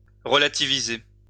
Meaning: 1. to relativize 2. to put into perspective; to put things into perspective
- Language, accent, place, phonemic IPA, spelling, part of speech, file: French, France, Lyon, /ʁə.la.ti.vi.ze/, relativiser, verb, LL-Q150 (fra)-relativiser.wav